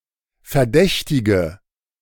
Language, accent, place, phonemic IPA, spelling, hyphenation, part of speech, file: German, Germany, Berlin, /fɛɐ̯ˈdɛçtɪɡə/, Verdächtige, Ver‧däch‧ti‧ge, noun, De-Verdächtige.ogg
- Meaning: 1. female equivalent of Verdächtiger: female suspect 2. inflection of Verdächtiger: strong nominative/accusative plural 3. inflection of Verdächtiger: weak nominative singular